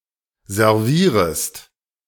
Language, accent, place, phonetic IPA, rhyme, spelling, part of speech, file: German, Germany, Berlin, [zɛʁˈviːʁəst], -iːʁəst, servierest, verb, De-servierest.ogg
- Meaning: second-person singular subjunctive I of servieren